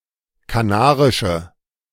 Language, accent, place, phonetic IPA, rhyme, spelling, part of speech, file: German, Germany, Berlin, [kaˈnaːʁɪʃə], -aːʁɪʃə, kanarische, adjective, De-kanarische.ogg
- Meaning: inflection of kanarisch: 1. strong/mixed nominative/accusative feminine singular 2. strong nominative/accusative plural 3. weak nominative all-gender singular